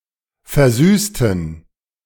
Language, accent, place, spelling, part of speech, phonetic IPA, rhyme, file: German, Germany, Berlin, versüßten, adjective / verb, [fɛɐ̯ˈzyːstn̩], -yːstn̩, De-versüßten.ogg
- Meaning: inflection of versüßen: 1. first/third-person plural preterite 2. first/third-person plural subjunctive II